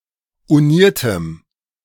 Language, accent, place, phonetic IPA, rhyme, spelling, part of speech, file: German, Germany, Berlin, [uˈniːɐ̯təm], -iːɐ̯təm, uniertem, adjective, De-uniertem.ogg
- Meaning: strong dative masculine/neuter singular of uniert